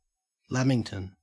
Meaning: A small square Australian/New Zealand cake made with sponge cake covered on all sides (including top and bottom) with chocolate and desiccated coconut
- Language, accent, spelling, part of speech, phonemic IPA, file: English, Australia, lamington, noun, /ˈlæmɪŋtən/, En-au-lamington.ogg